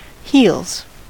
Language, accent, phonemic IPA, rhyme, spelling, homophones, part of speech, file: English, US, /hiːlz/, -iːlz, heels, heals, noun, En-us-heels.ogg
- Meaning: 1. plural of heel 2. High-heeled shoes